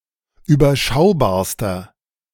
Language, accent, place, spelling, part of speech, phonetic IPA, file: German, Germany, Berlin, überschaubarster, adjective, [yːbɐˈʃaʊ̯baːɐ̯stɐ], De-überschaubarster.ogg
- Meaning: inflection of überschaubar: 1. strong/mixed nominative masculine singular superlative degree 2. strong genitive/dative feminine singular superlative degree 3. strong genitive plural superlative degree